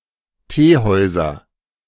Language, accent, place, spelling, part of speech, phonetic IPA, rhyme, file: German, Germany, Berlin, Teehäuser, noun, [ˈteːˌhɔɪ̯zɐ], -eːhɔɪ̯zɐ, De-Teehäuser.ogg
- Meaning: nominative/accusative/genitive plural of Teehaus